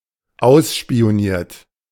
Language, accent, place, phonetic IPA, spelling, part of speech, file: German, Germany, Berlin, [ˈaʊ̯sʃpi̯oˌniːɐ̯t], ausspioniert, verb, De-ausspioniert.ogg
- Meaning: past participle of ausspionieren